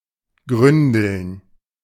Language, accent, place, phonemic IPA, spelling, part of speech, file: German, Germany, Berlin, /ˈɡʁʏndl̩n/, gründeln, verb, De-gründeln.ogg
- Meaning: to dabble; to feed by reaching with the head to the bottom of a body of water